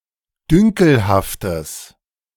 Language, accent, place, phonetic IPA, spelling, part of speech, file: German, Germany, Berlin, [ˈdʏŋkl̩haftəs], dünkelhaftes, adjective, De-dünkelhaftes.ogg
- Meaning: strong/mixed nominative/accusative neuter singular of dünkelhaft